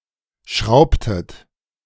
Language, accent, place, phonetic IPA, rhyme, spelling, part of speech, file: German, Germany, Berlin, [ˈʃʁaʊ̯ptət], -aʊ̯ptət, schraubtet, verb, De-schraubtet.ogg
- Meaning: inflection of schrauben: 1. second-person plural preterite 2. second-person plural subjunctive II